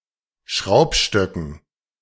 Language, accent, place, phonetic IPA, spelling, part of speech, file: German, Germany, Berlin, [ˈʃʁaʊ̯pˌʃtœkn̩], Schraubstöcken, noun, De-Schraubstöcken.ogg
- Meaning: dative plural of Schraubstock